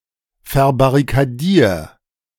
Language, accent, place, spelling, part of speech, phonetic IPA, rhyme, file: German, Germany, Berlin, verbarrikadier, verb, [fɛɐ̯baʁikaˈdiːɐ̯], -iːɐ̯, De-verbarrikadier.ogg
- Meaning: 1. singular imperative of verbarrikadieren 2. first-person singular present of verbarrikadieren